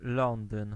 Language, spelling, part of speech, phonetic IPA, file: Polish, Londyn, proper noun, [ˈlɔ̃ndɨ̃n], Pl-Londyn.ogg